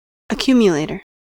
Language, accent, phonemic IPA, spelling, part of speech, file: English, US, /əˈkjum.jəˌleɪ.tɚ/, accumulator, noun, En-us-accumulator.ogg
- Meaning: 1. One who, or that which, accumulates 2. A wet-cell storage battery 3. A collective bet on successive events, with both stake and winnings being carried forward to accumulate progressively